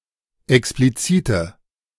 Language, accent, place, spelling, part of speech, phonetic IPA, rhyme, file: German, Germany, Berlin, explizite, adjective, [ɛkspliˈt͡siːtə], -iːtə, De-explizite.ogg
- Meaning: inflection of explizit: 1. strong/mixed nominative/accusative feminine singular 2. strong nominative/accusative plural 3. weak nominative all-gender singular